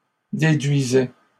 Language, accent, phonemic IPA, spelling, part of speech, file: French, Canada, /de.dɥi.zɛ/, déduisait, verb, LL-Q150 (fra)-déduisait.wav
- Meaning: third-person singular imperfect indicative of déduire